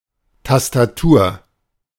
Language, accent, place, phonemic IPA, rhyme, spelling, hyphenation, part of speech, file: German, Germany, Berlin, /tas.taˈtuːɐ̯/, -uːɐ̯, Tastatur, Tas‧ta‧tur, noun, De-Tastatur.ogg
- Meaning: keyboard (on a computer, typewriter, etc.)